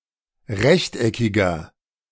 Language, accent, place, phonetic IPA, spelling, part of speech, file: German, Germany, Berlin, [ˈʁɛçtʔɛkɪɡɐ], rechteckiger, adjective, De-rechteckiger.ogg
- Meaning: inflection of rechteckig: 1. strong/mixed nominative masculine singular 2. strong genitive/dative feminine singular 3. strong genitive plural